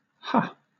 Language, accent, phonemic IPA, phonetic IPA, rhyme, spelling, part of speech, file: English, Southern England, /hɑː/, [ha(ː)], -ɑː, hah, interjection / noun / particle, LL-Q1860 (eng)-hah.wav
- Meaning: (interjection) 1. Alternative form of ha 2. Alternative form of huh; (noun) Alternative form of heh (“Semitic letter”)